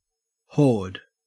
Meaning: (noun) A wandering troop or gang; especially, a clan or tribe of a nomadic people (originally Tatars) migrating from place to place for the sake of pasturage, plunder, etc.; a predatory multitude
- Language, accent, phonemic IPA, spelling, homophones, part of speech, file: English, Australia, /hoːd/, horde, hoard / whored, noun / verb, En-au-horde.ogg